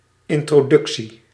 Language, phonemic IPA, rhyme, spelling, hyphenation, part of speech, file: Dutch, /ˌɪn.troːˈdʏk.si/, -ʏksi, introductie, in‧tro‧duc‧tie, noun, Nl-introductie.ogg
- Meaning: an introduction (act or process of introducing; something that presents or introduces)